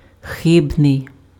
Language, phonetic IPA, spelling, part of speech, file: Ukrainian, [ˈxɪbnei̯], хибний, adjective, Uk-хибний.ogg
- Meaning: erroneous, mistaken, wrong (containing errors or incorrect due to error)